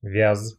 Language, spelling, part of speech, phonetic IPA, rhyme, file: Russian, вяз, noun / verb, [vʲas], -as, Ru-вяз.ogg
- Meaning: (noun) elm (tree or wood); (verb) short masculine singular past indicative imperfective of вя́знуть (vjáznutʹ)